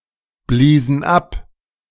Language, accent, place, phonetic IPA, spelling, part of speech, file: German, Germany, Berlin, [ˌbliːzn̩ ˈap], bliesen ab, verb, De-bliesen ab.ogg
- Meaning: first/third-person plural preterite of abblasen